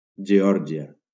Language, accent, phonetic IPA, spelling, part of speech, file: Catalan, Valencia, [d͡ʒeˈɔɾ.d͡ʒi.a], Geòrgia, proper noun, LL-Q7026 (cat)-Geòrgia.wav
- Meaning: 1. Georgia (a transcontinental country in the Caucasus region of Europe and Asia, on the coast of the Black Sea) 2. Georgia (a state in the Southern United States)